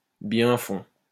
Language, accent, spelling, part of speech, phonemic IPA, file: French, France, bien-fonds, noun, /bjɛ̃.fɔ̃/, LL-Q150 (fra)-bien-fonds.wav
- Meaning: real estate